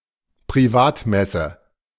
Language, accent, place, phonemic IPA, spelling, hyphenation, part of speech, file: German, Germany, Berlin, /pʁiˈvaːtˌmɛsə/, Privatmesse, Pri‧vat‧mes‧se, noun, De-Privatmesse.ogg
- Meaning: Low Mass (i.e. without a congregation)